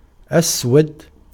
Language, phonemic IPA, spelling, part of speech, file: Arabic, /ʔas.wad/, أسود, adjective / noun, Ar-أسود.ogg
- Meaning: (adjective) black; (noun) black person